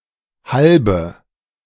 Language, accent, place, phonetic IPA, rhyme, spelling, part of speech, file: German, Germany, Berlin, [ˈhalbə], -albə, halbe, adjective, De-halbe.ogg
- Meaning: inflection of halb: 1. strong/mixed nominative/accusative feminine singular 2. strong nominative/accusative plural 3. weak nominative all-gender singular 4. weak accusative feminine/neuter singular